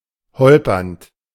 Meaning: present participle of holpern
- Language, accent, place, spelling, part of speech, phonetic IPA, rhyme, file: German, Germany, Berlin, holpernd, verb, [ˈhɔlpɐnt], -ɔlpɐnt, De-holpernd.ogg